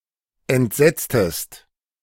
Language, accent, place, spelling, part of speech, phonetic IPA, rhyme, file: German, Germany, Berlin, entsetztest, verb, [ɛntˈzɛt͡stəst], -ɛt͡stəst, De-entsetztest.ogg
- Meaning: inflection of entsetzen: 1. second-person singular preterite 2. second-person singular subjunctive II